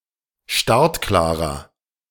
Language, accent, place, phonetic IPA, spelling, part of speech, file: German, Germany, Berlin, [ˈʃtaʁtˌklaːʁɐ], startklarer, adjective, De-startklarer.ogg
- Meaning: inflection of startklar: 1. strong/mixed nominative masculine singular 2. strong genitive/dative feminine singular 3. strong genitive plural